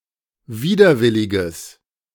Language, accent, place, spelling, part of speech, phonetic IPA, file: German, Germany, Berlin, widerwilliges, adjective, [ˈviːdɐˌvɪlɪɡəs], De-widerwilliges.ogg
- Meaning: strong/mixed nominative/accusative neuter singular of widerwillig